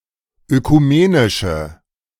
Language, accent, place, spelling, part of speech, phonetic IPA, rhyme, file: German, Germany, Berlin, ökumenische, adjective, [økuˈmeːnɪʃə], -eːnɪʃə, De-ökumenische.ogg
- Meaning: inflection of ökumenisch: 1. strong/mixed nominative/accusative feminine singular 2. strong nominative/accusative plural 3. weak nominative all-gender singular